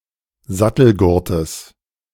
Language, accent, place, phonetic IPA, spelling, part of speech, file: German, Germany, Berlin, [ˈzatl̩ˌɡʊʁtəs], Sattelgurtes, noun, De-Sattelgurtes.ogg
- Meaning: genitive singular of Sattelgurt